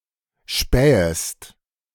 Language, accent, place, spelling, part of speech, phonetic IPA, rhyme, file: German, Germany, Berlin, spähest, verb, [ˈʃpɛːəst], -ɛːəst, De-spähest.ogg
- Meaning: second-person singular subjunctive I of spähen